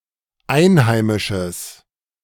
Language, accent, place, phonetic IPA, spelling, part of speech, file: German, Germany, Berlin, [ˈaɪ̯nˌhaɪ̯mɪʃəs], einheimisches, adjective, De-einheimisches.ogg
- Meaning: strong/mixed nominative/accusative neuter singular of einheimisch